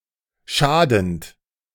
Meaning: present participle of schaden
- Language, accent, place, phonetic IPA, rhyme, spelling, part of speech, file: German, Germany, Berlin, [ˈʃaːdn̩t], -aːdn̩t, schadend, verb, De-schadend.ogg